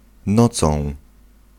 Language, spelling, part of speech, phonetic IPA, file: Polish, nocą, adverb / noun, [ˈnɔt͡sɔ̃w̃], Pl-nocą.ogg